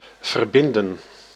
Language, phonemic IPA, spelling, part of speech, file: Dutch, /vərˈbɪn.də(n)/, verbinden, verb, Nl-verbinden.ogg
- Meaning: 1. to connect, link up 2. to bandage